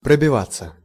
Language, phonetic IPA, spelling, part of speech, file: Russian, [prəbʲɪˈvat͡sːə], пробиваться, verb, Ru-пробиваться.ogg
- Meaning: 1. to fight/force/make one's way through, to break/win/strike through 2. to shoot, to show, to push up (of plants) 3. passive of пробива́ть (probivátʹ)